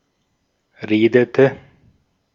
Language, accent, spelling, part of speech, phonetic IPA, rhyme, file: German, Austria, redete, verb, [ˈʁeːdətə], -eːdətə, De-at-redete.ogg
- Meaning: inflection of reden: 1. first/third-person singular preterite 2. first/third-person singular subjunctive II